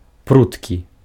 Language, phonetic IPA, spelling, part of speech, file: Belarusian, [ˈprutkʲi], пруткі, adjective, Be-пруткі.ogg
- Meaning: 1. resilient, elastic 2. tight